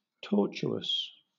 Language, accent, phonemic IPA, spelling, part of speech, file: English, Southern England, /ˈtɔːt͡ʃuːəs/, tortuous, adjective, LL-Q1860 (eng)-tortuous.wav
- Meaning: 1. Twisted; having many turns; convoluted 2. Oblique; applied to the six signs of the zodiac (from Capricorn to Gemini) that ascend most rapidly and obliquely 3. Injurious; tortious